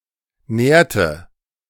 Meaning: inflection of nähren: 1. first/third-person singular preterite 2. first/third-person singular subjunctive II
- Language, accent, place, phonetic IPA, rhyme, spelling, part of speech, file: German, Germany, Berlin, [ˈnɛːɐ̯tə], -ɛːɐ̯tə, nährte, verb, De-nährte.ogg